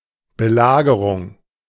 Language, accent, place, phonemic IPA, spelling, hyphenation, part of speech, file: German, Germany, Berlin, /bəˈlaːɡəʁʊŋ/, Belagerung, Be‧la‧ge‧rung, noun, De-Belagerung.ogg
- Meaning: siege (military blockade of settlement)